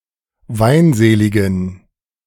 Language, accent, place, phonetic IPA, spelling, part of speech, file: German, Germany, Berlin, [ˈvaɪ̯nˌzeːlɪɡn̩], weinseligen, adjective, De-weinseligen.ogg
- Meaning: inflection of weinselig: 1. strong genitive masculine/neuter singular 2. weak/mixed genitive/dative all-gender singular 3. strong/weak/mixed accusative masculine singular 4. strong dative plural